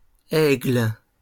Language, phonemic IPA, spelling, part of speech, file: French, /ɛɡl/, aigles, noun, LL-Q150 (fra)-aigles.wav
- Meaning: plural of aigle